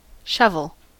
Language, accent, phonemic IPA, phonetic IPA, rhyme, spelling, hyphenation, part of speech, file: English, General American, /ˈʃʌv.əl/, [ˈʃʌv.ɫ̩], -ʌvəl, shovel, shov‧el, noun / verb, En-us-shovel.ogg